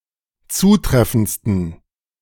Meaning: 1. superlative degree of zutreffend 2. inflection of zutreffend: strong genitive masculine/neuter singular superlative degree
- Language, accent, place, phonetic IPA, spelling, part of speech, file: German, Germany, Berlin, [ˈt͡suːˌtʁɛfn̩t͡stən], zutreffendsten, adjective, De-zutreffendsten.ogg